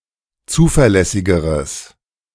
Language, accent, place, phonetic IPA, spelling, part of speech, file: German, Germany, Berlin, [ˈt͡suːfɛɐ̯ˌlɛsɪɡəʁəs], zuverlässigeres, adjective, De-zuverlässigeres.ogg
- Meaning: strong/mixed nominative/accusative neuter singular comparative degree of zuverlässig